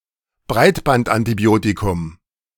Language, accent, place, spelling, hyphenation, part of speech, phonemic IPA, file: German, Germany, Berlin, Breitbandantibiotikum, Breit‧band‧an‧ti‧bio‧ti‧kum, noun, /ˈbʁaɪ̯tbantʔantiˌbi̯oːtikʊm/, De-Breitbandantibiotikum.ogg
- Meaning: broad-spectrum antibiotic